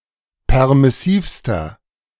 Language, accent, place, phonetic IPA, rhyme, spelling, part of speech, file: German, Germany, Berlin, [ˌpɛʁmɪˈsiːfstɐ], -iːfstɐ, permissivster, adjective, De-permissivster.ogg
- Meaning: inflection of permissiv: 1. strong/mixed nominative masculine singular superlative degree 2. strong genitive/dative feminine singular superlative degree 3. strong genitive plural superlative degree